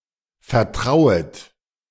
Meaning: second-person plural subjunctive I of vertrauen
- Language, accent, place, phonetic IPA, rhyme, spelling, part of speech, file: German, Germany, Berlin, [fɛɐ̯ˈtʁaʊ̯ət], -aʊ̯ət, vertrauet, verb, De-vertrauet.ogg